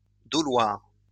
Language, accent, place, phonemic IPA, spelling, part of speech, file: French, France, Lyon, /dɔ.lwaʁ/, doloire, noun, LL-Q150 (fra)-doloire.wav
- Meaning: 1. plane (type of tool) 2. doloire (axelike weapon)